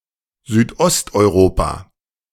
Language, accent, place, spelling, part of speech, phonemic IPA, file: German, Germany, Berlin, Südosteuropa, proper noun, /zyːtˈʔɔstʔɔɪ̯ˌʁoːpa/, De-Südosteuropa.ogg
- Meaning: Southeastern Europe (a political designation for a region of southeast Europe mostly comprising the states of the Balkans)